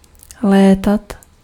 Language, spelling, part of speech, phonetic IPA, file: Czech, létat, verb, [ˈlɛːtat], Cs-létat.ogg
- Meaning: 1. iterative of letět 2. to fly